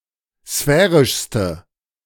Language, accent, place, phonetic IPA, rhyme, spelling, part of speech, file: German, Germany, Berlin, [ˈsfɛːʁɪʃstə], -ɛːʁɪʃstə, sphärischste, adjective, De-sphärischste.ogg
- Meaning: inflection of sphärisch: 1. strong/mixed nominative/accusative feminine singular superlative degree 2. strong nominative/accusative plural superlative degree